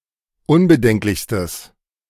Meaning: strong/mixed nominative/accusative neuter singular superlative degree of unbedenklich
- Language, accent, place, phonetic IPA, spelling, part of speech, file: German, Germany, Berlin, [ˈʊnbəˌdɛŋklɪçstəs], unbedenklichstes, adjective, De-unbedenklichstes.ogg